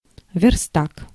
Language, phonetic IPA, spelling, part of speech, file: Russian, [vʲɪrˈstak], верстак, noun, Ru-верстак.ogg
- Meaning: workbench